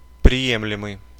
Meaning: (verb) present passive imperfective participle of приима́ть (priimátʹ); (adjective) acceptable (capable, worthy or sure of being accepted)
- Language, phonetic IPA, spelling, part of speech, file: Russian, [prʲɪˈjemlʲɪmɨj], приемлемый, verb / adjective, Ru-приемлемый.ogg